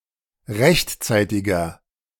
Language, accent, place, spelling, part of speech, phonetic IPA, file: German, Germany, Berlin, rechtzeitiger, adjective, [ˈʁɛçtˌt͡saɪ̯tɪɡɐ], De-rechtzeitiger.ogg
- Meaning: inflection of rechtzeitig: 1. strong/mixed nominative masculine singular 2. strong genitive/dative feminine singular 3. strong genitive plural